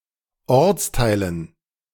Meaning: dative plural of Ortsteil
- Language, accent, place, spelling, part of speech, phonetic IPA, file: German, Germany, Berlin, Ortsteilen, noun, [ˈɔʁt͡sˌtaɪ̯lən], De-Ortsteilen.ogg